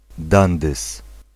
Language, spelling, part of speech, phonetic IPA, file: Polish, dandys, noun, [ˈdãndɨs], Pl-dandys.ogg